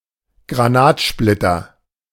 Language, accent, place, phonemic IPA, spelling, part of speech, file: German, Germany, Berlin, /ɡʁaˈnaːtˌʃplɪtɐ/, Granatsplitter, noun, De-Granatsplitter.ogg
- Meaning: 1. shrapnel, shell splinter 2. chocolate mountain (dessert made with chocolate, cream, cocoa powder and rum)